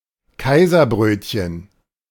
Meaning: Kaiser roll
- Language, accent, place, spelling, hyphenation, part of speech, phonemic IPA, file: German, Germany, Berlin, Kaiserbrötchen, Kai‧ser‧bröt‧chen, noun, /ˈkaɪ̯zɐˌbʁøːtçən/, De-Kaiserbrötchen.ogg